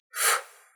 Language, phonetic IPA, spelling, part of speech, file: Russian, [f], ф, character, Ru-ф.ogg
- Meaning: The twenty-second letter of the Russian alphabet, called эф (ef) and written in the Cyrillic script